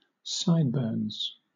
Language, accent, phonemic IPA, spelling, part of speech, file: English, Southern England, /ˈsaɪd.bɜː(ɹ)nz/, sideburns, noun, LL-Q1860 (eng)-sideburns.wav
- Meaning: Facial hair reaching from the top of the head down the side of the face to the side of the chin